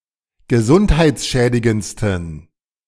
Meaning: 1. superlative degree of gesundheitsschädigend 2. inflection of gesundheitsschädigend: strong genitive masculine/neuter singular superlative degree
- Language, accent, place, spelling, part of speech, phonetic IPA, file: German, Germany, Berlin, gesundheitsschädigendsten, adjective, [ɡəˈzʊnthaɪ̯t͡sˌʃɛːdɪɡənt͡stn̩], De-gesundheitsschädigendsten.ogg